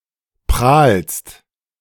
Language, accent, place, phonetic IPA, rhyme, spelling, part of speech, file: German, Germany, Berlin, [pʁaːlst], -aːlst, prahlst, verb, De-prahlst.ogg
- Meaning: second-person singular present of prahlen